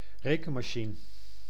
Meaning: calculator
- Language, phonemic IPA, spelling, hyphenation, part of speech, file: Dutch, /ˈreː.kə(n).maːˌʃi.nə/, rekenmachine, re‧ken‧ma‧chi‧ne, noun, Nl-rekenmachine.ogg